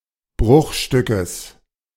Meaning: genitive singular of Bruchstück
- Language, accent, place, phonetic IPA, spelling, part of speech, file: German, Germany, Berlin, [ˈbʁʊxˌʃtʏkəs], Bruchstückes, noun, De-Bruchstückes.ogg